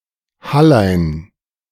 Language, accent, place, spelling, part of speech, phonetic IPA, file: German, Germany, Berlin, Hallein, proper noun, [ˈhalaɪ̯n], De-Hallein.ogg
- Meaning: a municipality of Salzburg, Austria